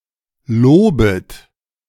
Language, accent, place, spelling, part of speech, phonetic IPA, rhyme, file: German, Germany, Berlin, lobet, verb, [ˈloːbət], -oːbət, De-lobet.ogg
- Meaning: 1. second-person plural imperative of loben 2. second-person plural subjunctive I of loben